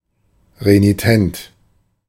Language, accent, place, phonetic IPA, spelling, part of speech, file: German, Germany, Berlin, [ʁeniˈtɛnt], renitent, adjective, De-renitent.ogg
- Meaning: renitent, recalcitrant